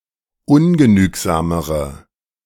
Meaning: inflection of ungenügsam: 1. strong/mixed nominative/accusative feminine singular comparative degree 2. strong nominative/accusative plural comparative degree
- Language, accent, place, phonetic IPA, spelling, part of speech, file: German, Germany, Berlin, [ˈʊnɡəˌnyːkzaːməʁə], ungenügsamere, adjective, De-ungenügsamere.ogg